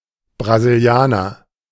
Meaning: 1. person from Brazil, Brazilian 2. a player with great technique who is good at dribbling etc
- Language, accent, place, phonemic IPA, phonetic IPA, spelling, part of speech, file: German, Germany, Berlin, /braziˈli̯aːnər/, [bʁa.zɪlˈjaː.nɐ], Brasilianer, noun, De-Brasilianer.ogg